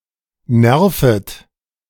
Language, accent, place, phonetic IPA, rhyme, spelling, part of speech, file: German, Germany, Berlin, [ˈnɛʁfət], -ɛʁfət, nervet, verb, De-nervet.ogg
- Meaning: second-person plural subjunctive I of nerven